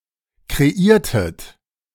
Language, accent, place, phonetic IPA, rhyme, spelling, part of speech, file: German, Germany, Berlin, [kʁeˈiːɐ̯tət], -iːɐ̯tət, kreiertet, verb, De-kreiertet.ogg
- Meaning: inflection of kreieren: 1. second-person plural preterite 2. second-person plural subjunctive II